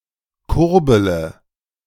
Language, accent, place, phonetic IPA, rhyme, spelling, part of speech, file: German, Germany, Berlin, [ˈkʊʁbələ], -ʊʁbələ, kurbele, verb, De-kurbele.ogg
- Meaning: inflection of kurbeln: 1. first-person singular present 2. first-person plural subjunctive I 3. third-person singular subjunctive I 4. singular imperative